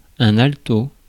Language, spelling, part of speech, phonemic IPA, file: French, alto, noun, /al.to/, Fr-alto.ogg
- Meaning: 1. alto 2. ellipsis of violon alto; viola